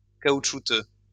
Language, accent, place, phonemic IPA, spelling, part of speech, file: French, France, Lyon, /ka.ut.ʃu.tø/, caoutchouteux, adjective, LL-Q150 (fra)-caoutchouteux.wav
- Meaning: rubbery; having the appearance or consistency of rubber